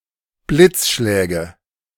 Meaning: nominative/accusative/genitive plural of Blitzschlag
- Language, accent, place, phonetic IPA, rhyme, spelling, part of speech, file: German, Germany, Berlin, [ˈblɪt͡sˌʃlɛːɡə], -ɪt͡sʃlɛːɡə, Blitzschläge, noun, De-Blitzschläge.ogg